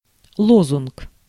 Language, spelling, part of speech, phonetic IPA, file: Russian, лозунг, noun, [ˈɫozʊnk], Ru-лозунг.ogg
- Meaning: slogan, watchword